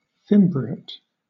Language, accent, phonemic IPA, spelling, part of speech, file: English, Southern England, /ˈfɪm.bɹi.eɪt/, fimbriate, verb / adjective, LL-Q1860 (eng)-fimbriate.wav
- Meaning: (verb) 1. To fringe; to hem 2. To apply a thin border (a fimbriation) to some element, often to satisfy the rule of tincture